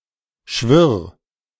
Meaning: 1. singular imperative of schwirren 2. first-person singular present of schwirren
- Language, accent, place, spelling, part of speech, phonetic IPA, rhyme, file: German, Germany, Berlin, schwirr, verb, [ʃvɪʁ], -ɪʁ, De-schwirr.ogg